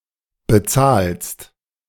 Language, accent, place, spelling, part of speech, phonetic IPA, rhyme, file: German, Germany, Berlin, bezahlst, verb, [bəˈt͡saːlst], -aːlst, De-bezahlst.ogg
- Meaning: second-person singular present of bezahlen